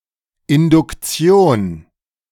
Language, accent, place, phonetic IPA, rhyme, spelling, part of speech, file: German, Germany, Berlin, [ɪndʊkˈt͡si̯oːn], -oːn, Induktion, noun, De-Induktion.ogg
- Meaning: 1. induction 2. inductive reasoning